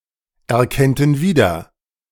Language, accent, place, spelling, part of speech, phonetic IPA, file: German, Germany, Berlin, erkennten wieder, verb, [ɛɐ̯ˌkɛntn̩ ˈviːdɐ], De-erkennten wieder.ogg
- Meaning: first-person plural subjunctive II of wiedererkennen